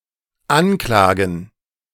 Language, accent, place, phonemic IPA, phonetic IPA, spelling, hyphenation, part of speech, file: German, Germany, Berlin, /ˈanˌklaːɡən/, [ˈʔanˌkʰlaːɡŋ̍], anklagen, an‧kla‧gen, verb, De-anklagen.ogg
- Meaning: to indict (to make a formal accusation or indictment against (a party) by the findings of a jury)